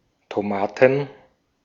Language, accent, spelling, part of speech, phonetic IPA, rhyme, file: German, Austria, Tomaten, noun, [toˈmaːtn̩], -aːtn̩, De-at-Tomaten.ogg
- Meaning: plural of Tomate